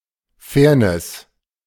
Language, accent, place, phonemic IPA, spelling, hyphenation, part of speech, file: German, Germany, Berlin, /ˈfɛːɐ̯nɛs/, Fairness, Fair‧ness, noun, De-Fairness.ogg
- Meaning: fairness